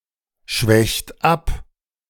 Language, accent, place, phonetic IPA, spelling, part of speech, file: German, Germany, Berlin, [ˌʃvɛçt ˈap], schwächt ab, verb, De-schwächt ab.ogg
- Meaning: inflection of abschwächen: 1. second-person plural present 2. third-person singular present 3. plural imperative